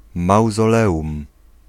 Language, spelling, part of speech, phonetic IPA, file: Polish, mauzoleum, noun, [ˌmawzɔˈlɛʷũm], Pl-mauzoleum.ogg